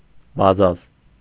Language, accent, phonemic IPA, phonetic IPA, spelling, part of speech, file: Armenian, Eastern Armenian, /bɑˈzɑz/, [bɑzɑ́z], բազազ, noun, Hy-բազազ.ogg
- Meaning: dealer in textile fabrics, draper